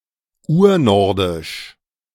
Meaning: Proto-Norse (the Proto-Norse language)
- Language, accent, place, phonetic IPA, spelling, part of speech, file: German, Germany, Berlin, [ˈuːɐ̯ˌnɔʁdɪʃ], Urnordisch, noun, De-Urnordisch.ogg